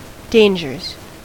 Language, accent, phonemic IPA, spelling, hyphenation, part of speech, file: English, US, /ˈdeɪnd͡ʒɚz/, dangers, dan‧gers, noun / verb, En-us-dangers.ogg
- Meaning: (noun) plural of danger; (verb) third-person singular simple present indicative of danger